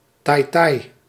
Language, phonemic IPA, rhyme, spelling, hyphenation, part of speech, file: Dutch, /taːi̯ˈtaːi̯/, -aːi̯, taaitaai, taai‧taai, noun, Nl-taaitaai.ogg
- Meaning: taaitaai, a kind of chewy dough cookie eaten during Sinterklaas celebrations